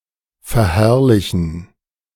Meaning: to glorify
- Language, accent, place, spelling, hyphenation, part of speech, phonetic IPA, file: German, Germany, Berlin, verherrlichen, ver‧herr‧li‧chen, verb, [ˌfɛɐ̯ˈhɛʁlɪçn̩], De-verherrlichen.ogg